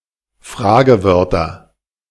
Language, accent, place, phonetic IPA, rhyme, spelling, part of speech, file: German, Germany, Berlin, [ˈfʁaːɡəˌvœʁtɐ], -aːɡəvœʁtɐ, Fragewörter, noun, De-Fragewörter.ogg
- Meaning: nominative/accusative/genitive plural of Fragewort